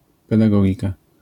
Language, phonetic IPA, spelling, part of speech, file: Polish, [ˌpɛdaˈɡɔɟika], pedagogika, noun, LL-Q809 (pol)-pedagogika.wav